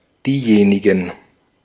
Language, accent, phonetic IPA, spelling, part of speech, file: German, Austria, [ˈdiːˌjeːnɪɡn̩], diejenigen, determiner, De-at-diejenigen.ogg
- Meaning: 1. nominative plural of diejenige (“those”) 2. accusative plural of diejenige (“those”)